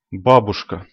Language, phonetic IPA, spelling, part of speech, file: Russian, [ˈbabʊʂkə], бабушка, noun, Ru-babushka.ogg
- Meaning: 1. grandmother, grandma, granny 2. old lady 3. Gandhi's breakfast, eighty in the lotto game